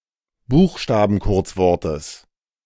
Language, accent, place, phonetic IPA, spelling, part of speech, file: German, Germany, Berlin, [ˈbuːxʃtaːbn̩ˌkʊʁt͡svɔʁtəs], Buchstabenkurzwortes, noun, De-Buchstabenkurzwortes.ogg
- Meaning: genitive singular of Buchstabenkurzwort